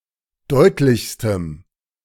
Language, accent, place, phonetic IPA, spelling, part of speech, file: German, Germany, Berlin, [ˈdɔɪ̯tlɪçstəm], deutlichstem, adjective, De-deutlichstem.ogg
- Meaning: strong dative masculine/neuter singular superlative degree of deutlich